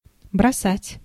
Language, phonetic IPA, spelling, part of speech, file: Russian, [brɐˈsatʲ], бросать, verb, Ru-бросать.ogg
- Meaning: 1. to throw, to drop 2. to send urgently 3. to abandon, to forsake 4. to give up, to quit, to leave off 5. to jilt